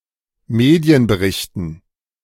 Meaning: plural of Medienbericht
- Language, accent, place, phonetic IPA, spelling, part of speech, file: German, Germany, Berlin, [ˈmeːdi̯ənbəˌʁɪçtn̩], Medienberichten, noun, De-Medienberichten.ogg